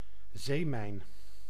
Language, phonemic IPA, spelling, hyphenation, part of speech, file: Dutch, /ˈzeː.mɛi̯n/, zeemijn, zee‧mijn, noun, Nl-zeemijn.ogg
- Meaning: sea mine, naval mine